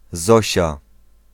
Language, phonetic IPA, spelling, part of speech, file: Polish, [ˈzɔɕa], Zosia, proper noun, Pl-Zosia.ogg